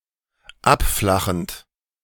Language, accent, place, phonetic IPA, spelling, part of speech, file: German, Germany, Berlin, [ˈapˌflaxn̩t], abflachend, verb, De-abflachend.ogg
- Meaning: present participle of abflachen